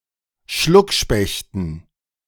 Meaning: dative plural of Schluckspecht
- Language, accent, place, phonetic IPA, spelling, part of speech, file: German, Germany, Berlin, [ˈʃlʊkˌʃpɛçtn̩], Schluckspechten, noun, De-Schluckspechten.ogg